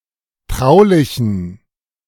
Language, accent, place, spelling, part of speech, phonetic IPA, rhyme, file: German, Germany, Berlin, traulichen, adjective, [ˈtʁaʊ̯lɪçn̩], -aʊ̯lɪçn̩, De-traulichen.ogg
- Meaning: inflection of traulich: 1. strong genitive masculine/neuter singular 2. weak/mixed genitive/dative all-gender singular 3. strong/weak/mixed accusative masculine singular 4. strong dative plural